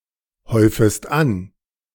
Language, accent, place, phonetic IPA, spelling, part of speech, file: German, Germany, Berlin, [ˌhɔɪ̯fəst ˈan], häufest an, verb, De-häufest an.ogg
- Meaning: second-person singular subjunctive I of anhäufen